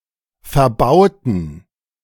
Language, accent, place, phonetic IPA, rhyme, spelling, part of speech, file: German, Germany, Berlin, [fɛɐ̯ˈbaʊ̯tn̩], -aʊ̯tn̩, verbauten, adjective / verb, De-verbauten.ogg
- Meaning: inflection of verbauen: 1. first/third-person plural preterite 2. first/third-person plural subjunctive II